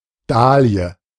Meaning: dahlia
- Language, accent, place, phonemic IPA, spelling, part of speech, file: German, Germany, Berlin, /ˈdaːli̯ə/, Dahlie, noun, De-Dahlie.ogg